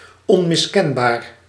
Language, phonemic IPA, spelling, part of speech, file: Dutch, /ˌɔmɪsˈkɛmˌbaːr/, onmiskenbaar, adjective, Nl-onmiskenbaar.ogg
- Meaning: unmistakable